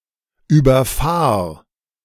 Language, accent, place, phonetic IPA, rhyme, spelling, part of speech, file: German, Germany, Berlin, [yːbɐˈfaːɐ̯], -aːɐ̯, überfahr, verb, De-überfahr.ogg
- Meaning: singular imperative of überfahren